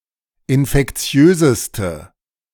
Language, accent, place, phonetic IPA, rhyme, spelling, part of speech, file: German, Germany, Berlin, [ɪnfɛkˈt͡si̯øːzəstə], -øːzəstə, infektiöseste, adjective, De-infektiöseste.ogg
- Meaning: inflection of infektiös: 1. strong/mixed nominative/accusative feminine singular superlative degree 2. strong nominative/accusative plural superlative degree